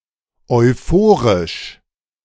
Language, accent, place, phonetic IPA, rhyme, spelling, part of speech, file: German, Germany, Berlin, [ɔɪ̯ˈfoːʁɪʃ], -oːʁɪʃ, euphorisch, adjective, De-euphorisch.ogg
- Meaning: euphoric